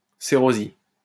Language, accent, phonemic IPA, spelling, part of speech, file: French, France, /se.ʁo.zi/, cérosie, noun, LL-Q150 (fra)-cérosie.wav
- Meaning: cerosin